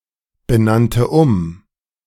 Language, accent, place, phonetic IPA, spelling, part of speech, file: German, Germany, Berlin, [bəˌnantə ˈʊm], benannte um, verb, De-benannte um.ogg
- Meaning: first/third-person singular preterite of umbenennen